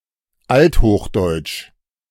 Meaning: Old High German
- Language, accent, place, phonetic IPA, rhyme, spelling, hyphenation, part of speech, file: German, Germany, Berlin, [ˈalthoːxˌdɔɪ̯t͡ʃ], -ɔɪ̯t͡ʃ, althochdeutsch, alt‧hoch‧deutsch, adjective, De-althochdeutsch2.ogg